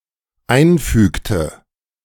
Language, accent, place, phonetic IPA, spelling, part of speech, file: German, Germany, Berlin, [ˈaɪ̯nˌfyːktə], einfügte, verb, De-einfügte.ogg
- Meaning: inflection of einfügen: 1. first/third-person singular dependent preterite 2. first/third-person singular dependent subjunctive II